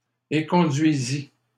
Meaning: third-person singular imperfect subjunctive of éconduire
- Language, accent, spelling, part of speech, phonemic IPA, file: French, Canada, éconduisît, verb, /e.kɔ̃.dɥi.zi/, LL-Q150 (fra)-éconduisît.wav